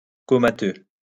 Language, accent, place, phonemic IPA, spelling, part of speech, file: French, France, Lyon, /kɔ.ma.tø/, comateux, adjective, LL-Q150 (fra)-comateux.wav
- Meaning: comatose